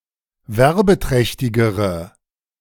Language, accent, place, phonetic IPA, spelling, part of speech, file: German, Germany, Berlin, [ˈvɛʁbəˌtʁɛçtɪɡəʁə], werbeträchtigere, adjective, De-werbeträchtigere.ogg
- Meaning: inflection of werbeträchtig: 1. strong/mixed nominative/accusative feminine singular comparative degree 2. strong nominative/accusative plural comparative degree